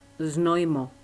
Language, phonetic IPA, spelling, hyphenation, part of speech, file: Czech, [ˈznojmo], Znojmo, Znoj‧mo, proper noun, Cs Znojmo.ogg
- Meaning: a town in the South Moravian Region of the Czech Republic, near the border with Lower Austria, situated on a rock outcropping on the steep left bank of the Dyje River